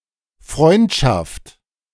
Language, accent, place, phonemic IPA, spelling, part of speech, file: German, Germany, Berlin, /ˈfʁɔɪ̯ntʃaft/, Freundschaft, noun, De-Freundschaft.ogg
- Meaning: 1. friendship 2. relations, relatives